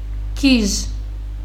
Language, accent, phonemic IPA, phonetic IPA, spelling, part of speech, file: Armenian, Western Armenian, /kiʒ/, [kʰiʒ], գիժ, adjective / noun, HyW-գիժ.ogg
- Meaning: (adjective) crazy, insane; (noun) madman, nut